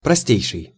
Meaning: superlative degree of просто́й (prostój): simplest, most basic
- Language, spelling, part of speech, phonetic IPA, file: Russian, простейший, adjective, [prɐˈsʲtʲejʂɨj], Ru-простейший.ogg